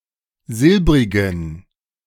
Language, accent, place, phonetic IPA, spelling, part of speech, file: German, Germany, Berlin, [ˈzɪlbʁɪɡn̩], silbrigen, adjective, De-silbrigen.ogg
- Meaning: inflection of silbrig: 1. strong genitive masculine/neuter singular 2. weak/mixed genitive/dative all-gender singular 3. strong/weak/mixed accusative masculine singular 4. strong dative plural